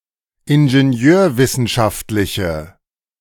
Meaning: inflection of ingenieurwissenschaftlich: 1. strong/mixed nominative/accusative feminine singular 2. strong nominative/accusative plural 3. weak nominative all-gender singular
- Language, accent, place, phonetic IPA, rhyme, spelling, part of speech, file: German, Germany, Berlin, [ɪnʒeˈni̯øːɐ̯ˌvɪsn̩ʃaftlɪçə], -øːɐ̯vɪsn̩ʃaftlɪçə, ingenieurwissenschaftliche, adjective, De-ingenieurwissenschaftliche.ogg